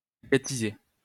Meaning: to agatize
- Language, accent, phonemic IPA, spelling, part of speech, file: French, France, /a.ɡa.ti.ze/, agatiser, verb, LL-Q150 (fra)-agatiser.wav